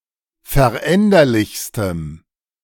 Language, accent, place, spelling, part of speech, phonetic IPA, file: German, Germany, Berlin, veränderlichstem, adjective, [fɛɐ̯ˈʔɛndɐlɪçstəm], De-veränderlichstem.ogg
- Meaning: strong dative masculine/neuter singular superlative degree of veränderlich